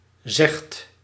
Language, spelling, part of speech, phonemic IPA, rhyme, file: Dutch, zegt, verb, /zɛxt/, -ɛxt, Nl-zegt.ogg
- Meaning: inflection of zeggen: 1. second/third-person singular present indicative 2. plural imperative